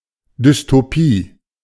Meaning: dystopia (all senses)
- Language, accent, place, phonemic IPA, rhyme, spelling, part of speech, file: German, Germany, Berlin, /dʏstoˈpiː/, -iː, Dystopie, noun, De-Dystopie.ogg